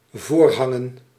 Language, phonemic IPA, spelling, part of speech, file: Dutch, /ˈvoːrˌɦɑ.ŋə(n)/, voorhangen, noun / verb, Nl-voorhangen.ogg
- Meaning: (noun) plural of voorhang; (verb) to hang in front in order to cover what's behind (such as a priest's robe)